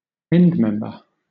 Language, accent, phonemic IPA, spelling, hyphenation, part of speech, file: English, Southern England, /ˈɛndmɛmbə/, endmember, end‧mem‧ber, noun, LL-Q1860 (eng)-endmember.wav
- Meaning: 1. A member at one end of a range or series made up of similar members 2. A mineral that occurs at one end in a range of solid solutions